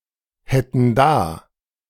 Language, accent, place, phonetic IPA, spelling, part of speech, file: German, Germany, Berlin, [ˌhɛtn̩ ˈdaː], hätten da, verb, De-hätten da.ogg
- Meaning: first/third-person plural subjunctive II of dahaben